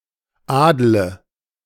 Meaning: inflection of adeln: 1. first-person singular present 2. first/third-person singular subjunctive I 3. singular imperative
- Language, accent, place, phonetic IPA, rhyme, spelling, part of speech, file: German, Germany, Berlin, [ˈaːdlə], -aːdlə, adle, verb, De-adle.ogg